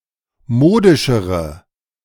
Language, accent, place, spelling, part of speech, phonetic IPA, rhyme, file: German, Germany, Berlin, modischere, adjective, [ˈmoːdɪʃəʁə], -oːdɪʃəʁə, De-modischere.ogg
- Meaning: inflection of modisch: 1. strong/mixed nominative/accusative feminine singular comparative degree 2. strong nominative/accusative plural comparative degree